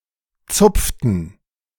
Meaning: inflection of zupfen: 1. first/third-person plural preterite 2. first/third-person plural subjunctive II
- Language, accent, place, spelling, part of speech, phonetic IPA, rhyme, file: German, Germany, Berlin, zupften, verb, [ˈt͡sʊp͡ftn̩], -ʊp͡ftn̩, De-zupften.ogg